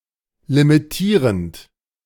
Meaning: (verb) present participle of limitieren; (adjective) limiting
- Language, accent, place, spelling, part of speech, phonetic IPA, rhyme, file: German, Germany, Berlin, limitierend, verb, [limiˈtiːʁənt], -iːʁənt, De-limitierend.ogg